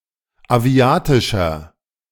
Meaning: inflection of aviatisch: 1. strong/mixed nominative masculine singular 2. strong genitive/dative feminine singular 3. strong genitive plural
- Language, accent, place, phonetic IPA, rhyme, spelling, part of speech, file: German, Germany, Berlin, [aˈvi̯aːtɪʃɐ], -aːtɪʃɐ, aviatischer, adjective, De-aviatischer.ogg